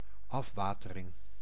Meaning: drainage (removal of water)
- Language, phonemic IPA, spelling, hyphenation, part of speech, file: Dutch, /ˈɑfˌʋaː.tə.rɪŋ/, afwatering, af‧wa‧te‧ring, noun, Nl-afwatering.ogg